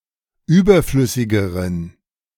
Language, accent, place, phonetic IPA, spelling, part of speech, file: German, Germany, Berlin, [ˈyːbɐˌflʏsɪɡəʁən], überflüssigeren, adjective, De-überflüssigeren.ogg
- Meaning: inflection of überflüssig: 1. strong genitive masculine/neuter singular comparative degree 2. weak/mixed genitive/dative all-gender singular comparative degree